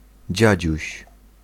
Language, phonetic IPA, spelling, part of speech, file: Polish, [ˈd͡ʑäd͡ʑüɕ], dziadziuś, noun, Pl-dziadziuś.ogg